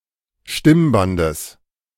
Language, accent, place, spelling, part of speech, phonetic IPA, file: German, Germany, Berlin, Stimmbandes, noun, [ˈʃtɪmˌbandəs], De-Stimmbandes.ogg
- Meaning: genitive singular of Stimmband